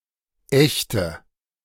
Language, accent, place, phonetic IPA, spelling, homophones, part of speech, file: German, Germany, Berlin, [ˈʔɛçtə], ächte, echte, verb, De-ächte.ogg
- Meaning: inflection of ächten: 1. first-person singular present 2. first/third-person singular subjunctive I 3. singular imperative